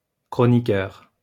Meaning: 1. chronicler 2. columnist
- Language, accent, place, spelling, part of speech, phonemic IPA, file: French, France, Lyon, chroniqueur, noun, /kʁɔ.ni.kœʁ/, LL-Q150 (fra)-chroniqueur.wav